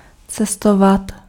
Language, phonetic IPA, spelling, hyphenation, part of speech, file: Czech, [ˈt͡sɛstovat], cestovat, ce‧s‧to‧vat, verb, Cs-cestovat.ogg
- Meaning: to travel